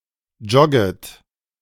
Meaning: second-person plural subjunctive I of joggen
- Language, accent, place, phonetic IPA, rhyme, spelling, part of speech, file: German, Germany, Berlin, [ˈd͡ʒɔɡət], -ɔɡət, jogget, verb, De-jogget.ogg